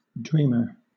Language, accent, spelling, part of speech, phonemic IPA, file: English, Southern England, dreamer, noun, /ˈdɹiːmə/, LL-Q1860 (eng)-dreamer.wav
- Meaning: 1. One who dreams 2. Someone whose beliefs are far from realistic 3. Any anglerfish of the family Oneirodidae 4. A swallow-winged puffbird (Chelidoptera tenebrosa)